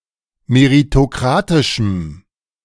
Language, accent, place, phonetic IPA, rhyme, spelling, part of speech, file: German, Germany, Berlin, [meʁitoˈkʁaːtɪʃm̩], -aːtɪʃm̩, meritokratischem, adjective, De-meritokratischem.ogg
- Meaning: strong dative masculine/neuter singular of meritokratisch